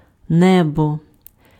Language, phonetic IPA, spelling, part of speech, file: Ukrainian, [ˈnɛbɔ], небо, noun, Uk-небо.ogg
- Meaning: 1. sky 2. heaven